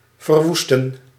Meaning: to destroy, ruin, devastate, lay waste
- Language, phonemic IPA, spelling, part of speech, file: Dutch, /vərˈʋus.tə(n)/, verwoesten, verb, Nl-verwoesten.ogg